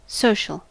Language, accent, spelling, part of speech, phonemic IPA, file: English, US, social, adjective / noun, /ˈsoʊ.ʃəl/, En-us-social.ogg
- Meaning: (adjective) 1. Being extroverted or outgoing 2. Of or relating to society 3. Relating to social media or social networks 4. Relating to a nation's allies 5. Cooperating or growing in groups